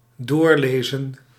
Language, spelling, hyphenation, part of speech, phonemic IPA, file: Dutch, doorlezen, door‧le‧zen, verb, /ˈdoːrˌleː.zə(n)/, Nl-doorlezen.ogg
- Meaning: 1. to read completely, to peruse 2. to continue reading, to resume reading